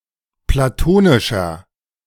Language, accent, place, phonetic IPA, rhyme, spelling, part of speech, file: German, Germany, Berlin, [plaˈtoːnɪʃɐ], -oːnɪʃɐ, platonischer, adjective, De-platonischer.ogg
- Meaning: inflection of platonisch: 1. strong/mixed nominative masculine singular 2. strong genitive/dative feminine singular 3. strong genitive plural